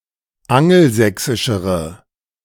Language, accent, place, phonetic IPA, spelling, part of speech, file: German, Germany, Berlin, [ˈaŋl̩ˌzɛksɪʃəʁə], angelsächsischere, adjective, De-angelsächsischere.ogg
- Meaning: inflection of angelsächsisch: 1. strong/mixed nominative/accusative feminine singular comparative degree 2. strong nominative/accusative plural comparative degree